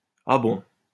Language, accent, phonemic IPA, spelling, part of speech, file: French, France, /a bɔ̃/, ah bon, interjection, LL-Q150 (fra)-ah bon.wav
- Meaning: really? for real? is that so?